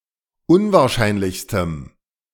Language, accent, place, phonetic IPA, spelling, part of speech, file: German, Germany, Berlin, [ˈʊnvaːɐ̯ˌʃaɪ̯nlɪçstəm], unwahrscheinlichstem, adjective, De-unwahrscheinlichstem.ogg
- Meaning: strong dative masculine/neuter singular superlative degree of unwahrscheinlich